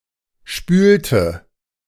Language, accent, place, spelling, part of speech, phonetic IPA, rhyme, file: German, Germany, Berlin, spülte, verb, [ˈʃpyːltə], -yːltə, De-spülte.ogg
- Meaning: inflection of spülen: 1. first/third-person singular preterite 2. first/third-person singular subjunctive II